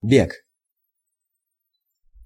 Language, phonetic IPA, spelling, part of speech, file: Russian, [bʲek], бег, noun, Ru-бег.ogg
- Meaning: 1. run 2. running (as in athletics or track and field)